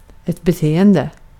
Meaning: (verb) present participle of bete; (noun) behavior
- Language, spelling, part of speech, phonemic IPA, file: Swedish, beteende, verb / noun, /bɛˈteːɛndɛ/, Sv-beteende.ogg